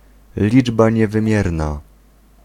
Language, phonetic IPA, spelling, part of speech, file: Polish, [ˈlʲid͡ʒba ˌɲɛvɨ̃ˈmʲjɛrna], liczba niewymierna, noun, Pl-liczba niewymierna.ogg